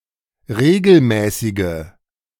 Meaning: inflection of regelmäßig: 1. strong/mixed nominative/accusative feminine singular 2. strong nominative/accusative plural 3. weak nominative all-gender singular
- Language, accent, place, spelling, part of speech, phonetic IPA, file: German, Germany, Berlin, regelmäßige, adjective, [ˈʁeːɡl̩ˌmɛːsɪɡə], De-regelmäßige.ogg